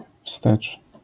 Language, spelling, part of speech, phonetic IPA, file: Polish, wstecz, adverb, [fstɛt͡ʃ], LL-Q809 (pol)-wstecz.wav